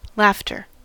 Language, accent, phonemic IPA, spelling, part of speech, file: English, US, /ˈlæftɚ/, laughter, noun, En-us-laughter.ogg
- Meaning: The sound of laughing, produced by air so expelled; any similar sound